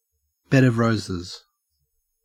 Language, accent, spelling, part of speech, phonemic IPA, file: English, Australia, bed of roses, noun, /bɛd ʌv ˈɹəʊzəz/, En-au-bed of roses.ogg
- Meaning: A pleasant or easy situation; an untroubled existence